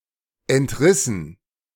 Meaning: past participle of entreißen
- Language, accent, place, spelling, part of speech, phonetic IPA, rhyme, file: German, Germany, Berlin, entrissen, verb, [ɛntˈʁɪsn̩], -ɪsn̩, De-entrissen.ogg